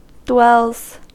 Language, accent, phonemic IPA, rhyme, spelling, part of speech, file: English, US, /dwɛlz/, -ɛlz, dwells, noun / verb, En-us-dwells.ogg
- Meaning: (noun) plural of dwell; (verb) third-person singular simple present indicative of dwell